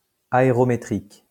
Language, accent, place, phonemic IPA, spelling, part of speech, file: French, France, Lyon, /a.e.ʁɔ.me.tʁik/, aérométrique, adjective, LL-Q150 (fra)-aérométrique.wav
- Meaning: aerometric